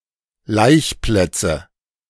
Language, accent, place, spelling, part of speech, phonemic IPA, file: German, Germany, Berlin, Laichplätze, noun, /ˈlaɪ̯çˌplɛt͡sə/, De-Laichplätze.ogg
- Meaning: nominative/accusative/genitive plural of Laichplatz